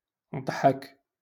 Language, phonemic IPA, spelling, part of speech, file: Moroccan Arabic, /dˤħak/, ضحك, verb, LL-Q56426 (ary)-ضحك.wav
- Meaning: 1. to laugh 2. to smile